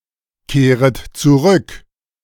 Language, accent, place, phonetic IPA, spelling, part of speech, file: German, Germany, Berlin, [ˌkeːʁət t͡suˈʁʏk], kehret zurück, verb, De-kehret zurück.ogg
- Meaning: second-person plural subjunctive I of zurückkehren